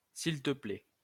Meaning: post-1990 spelling of s'il te plaît
- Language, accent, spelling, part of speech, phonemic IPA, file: French, France, s'il te plait, phrase, /s‿il tə plɛ/, LL-Q150 (fra)-s'il te plait.wav